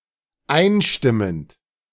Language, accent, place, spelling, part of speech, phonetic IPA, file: German, Germany, Berlin, einstimmend, verb, [ˈaɪ̯nˌʃtɪmənt], De-einstimmend.ogg
- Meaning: present participle of einstimmen